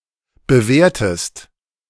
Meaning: inflection of bewehren: 1. second-person singular preterite 2. second-person singular subjunctive II
- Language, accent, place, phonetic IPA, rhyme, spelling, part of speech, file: German, Germany, Berlin, [bəˈveːɐ̯təst], -eːɐ̯təst, bewehrtest, verb, De-bewehrtest.ogg